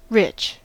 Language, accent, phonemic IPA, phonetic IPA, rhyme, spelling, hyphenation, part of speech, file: English, US, /ˈɹɪt͡ʃ/, [ˈɹʷɪt͡ʃ], -ɪtʃ, rich, rich, adjective / noun / verb, En-us-rich.ogg
- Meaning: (adjective) 1. Wealthy: having a lot of money and possessions 2. Having an intense fatty or sugary flavour 3. Remunerative 4. Plentiful, abounding, abundant, fulfilling